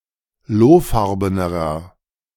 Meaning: 1. comparative degree of lohfarben 2. inflection of lohfarben: strong/mixed nominative masculine singular 3. inflection of lohfarben: strong genitive/dative feminine singular
- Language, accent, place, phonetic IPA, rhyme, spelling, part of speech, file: German, Germany, Berlin, [ˈloːˌfaʁbənɐ], -oːfaʁbənɐ, lohfarbener, adjective, De-lohfarbener.ogg